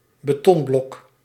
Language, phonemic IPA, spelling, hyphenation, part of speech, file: Dutch, /bəˈtɔnˌblɔk/, betonblok, be‧ton‧blok, noun, Nl-betonblok.ogg
- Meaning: block of concrete